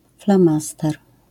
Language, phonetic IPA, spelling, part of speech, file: Polish, [flãˈmastɛr], flamaster, noun, LL-Q809 (pol)-flamaster.wav